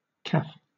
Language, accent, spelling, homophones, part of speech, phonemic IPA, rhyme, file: English, Southern England, caff, caf / caffe / calf / caph / kaf / kaph, noun, /kæf/, -æf, LL-Q1860 (eng)-caff.wav
- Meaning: Synonym of café